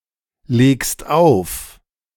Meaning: second-person singular present of auflegen
- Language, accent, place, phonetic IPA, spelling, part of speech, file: German, Germany, Berlin, [ˌleːkst ˈaʊ̯f], legst auf, verb, De-legst auf.ogg